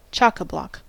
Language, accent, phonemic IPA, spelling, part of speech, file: English, US, /ˈt͡ʃɒkəˌblɒk/, chockablock, adjective / adverb, En-us-chockablock.ogg
- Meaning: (adjective) Having the blocks drawn close together so no further movement is possible, as when the tackle is hauled to the utmost